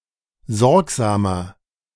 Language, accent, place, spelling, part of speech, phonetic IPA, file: German, Germany, Berlin, sorgsamer, adjective, [ˈzɔʁkzaːmɐ], De-sorgsamer.ogg
- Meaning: 1. comparative degree of sorgsam 2. inflection of sorgsam: strong/mixed nominative masculine singular 3. inflection of sorgsam: strong genitive/dative feminine singular